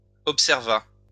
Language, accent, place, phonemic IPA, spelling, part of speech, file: French, France, Lyon, /ɔp.sɛʁ.va/, observa, verb, LL-Q150 (fra)-observa.wav
- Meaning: third-person singular past historic of observer